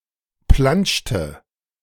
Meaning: inflection of plantschen: 1. first/third-person singular preterite 2. first/third-person singular subjunctive II
- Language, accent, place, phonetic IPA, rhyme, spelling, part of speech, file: German, Germany, Berlin, [ˈplant͡ʃtə], -ant͡ʃtə, plantschte, verb, De-plantschte.ogg